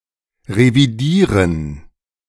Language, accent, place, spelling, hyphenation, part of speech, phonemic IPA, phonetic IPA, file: German, Germany, Berlin, revidieren, re‧vi‧die‧ren, verb, /ʁeviˈdiːʁən/, [ʁeviˈdiːɐ̯n], De-revidieren.ogg
- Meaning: 1. to revise, check, amend 2. to overhaul